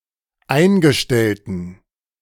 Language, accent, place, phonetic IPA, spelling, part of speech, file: German, Germany, Berlin, [ˈaɪ̯nɡəˌʃtɛltn̩], eingestellten, adjective, De-eingestellten.ogg
- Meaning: inflection of eingestellt: 1. strong genitive masculine/neuter singular 2. weak/mixed genitive/dative all-gender singular 3. strong/weak/mixed accusative masculine singular 4. strong dative plural